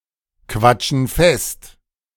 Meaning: inflection of festquatschen: 1. first/third-person plural present 2. first/third-person plural subjunctive I
- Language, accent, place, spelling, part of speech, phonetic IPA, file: German, Germany, Berlin, quatschen fest, verb, [ˌkvat͡ʃn̩ ˈfɛst], De-quatschen fest.ogg